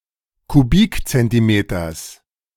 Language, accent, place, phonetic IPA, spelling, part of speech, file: German, Germany, Berlin, [kuˈbiːkt͡sɛntiˌmeːtɐs], Kubikzentimeters, noun, De-Kubikzentimeters.ogg
- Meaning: genitive singular of Kubikzentimeter